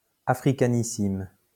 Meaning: superlative degree of africain: Very or most African
- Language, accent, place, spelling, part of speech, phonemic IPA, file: French, France, Lyon, africanissime, adjective, /a.fʁi.ka.ni.sim/, LL-Q150 (fra)-africanissime.wav